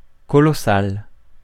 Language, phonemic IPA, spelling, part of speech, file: French, /kɔ.lɔ.sal/, colossal, adjective, Fr-colossal.ogg
- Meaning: colossal, huge